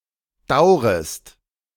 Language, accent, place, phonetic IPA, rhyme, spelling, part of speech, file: German, Germany, Berlin, [ˈdaʊ̯ʁəst], -aʊ̯ʁəst, daurest, verb, De-daurest.ogg
- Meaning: second-person singular subjunctive I of dauern